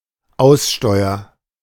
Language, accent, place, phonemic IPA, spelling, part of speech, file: German, Germany, Berlin, /ˈaʊ̯sˌʃtɔʏ̯ɐ/, Aussteuer, noun, De-Aussteuer.ogg
- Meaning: dowry; trousseau; usually restricted to household goods and fabrics given to the bride